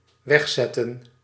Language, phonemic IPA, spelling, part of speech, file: Dutch, /ˈʋɛx.zɛ.tə(n)/, wegzetten, verb, Nl-wegzetten.ogg
- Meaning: to put away, set aside